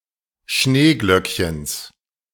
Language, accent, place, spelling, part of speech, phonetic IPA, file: German, Germany, Berlin, Schneeglöckchens, noun, [ˈʃneːɡlœkçəns], De-Schneeglöckchens.ogg
- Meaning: genitive of Schneeglöckchen